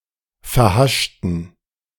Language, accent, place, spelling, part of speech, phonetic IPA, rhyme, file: German, Germany, Berlin, verhaschten, adjective, [fɛɐ̯ˈhaʃtn̩], -aʃtn̩, De-verhaschten.ogg
- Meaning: inflection of verhascht: 1. strong genitive masculine/neuter singular 2. weak/mixed genitive/dative all-gender singular 3. strong/weak/mixed accusative masculine singular 4. strong dative plural